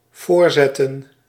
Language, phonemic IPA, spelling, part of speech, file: Dutch, /ˈvoːrˌzɛ.tə(n)/, voorzetten, verb, Nl-voorzetten.ogg
- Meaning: 1. to place in front 2. to assist 3. to cross the ball